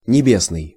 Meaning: heavenly, celestial
- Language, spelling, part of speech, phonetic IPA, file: Russian, небесный, adjective, [nʲɪˈbʲesnɨj], Ru-небесный.ogg